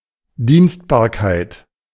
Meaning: easement
- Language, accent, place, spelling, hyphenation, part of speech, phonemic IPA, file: German, Germany, Berlin, Dienstbarkeit, Dienst‧bar‧keit, noun, /ˈdiːnstbaːɐ̯ˌkaɪ̯t/, De-Dienstbarkeit.ogg